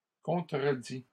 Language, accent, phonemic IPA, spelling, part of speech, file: French, Canada, /kɔ̃.tʁə.di/, contredis, verb, LL-Q150 (fra)-contredis.wav
- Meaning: inflection of contredire: 1. first/second-person singular present indicative 2. first/second-person singular past historic 3. second-person singular imperative